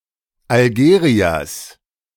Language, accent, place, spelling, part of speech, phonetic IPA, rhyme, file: German, Germany, Berlin, Algeriers, noun, [alˈɡeːʁiɐs], -eːʁiɐs, De-Algeriers.ogg
- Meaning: genitive singular of Algerier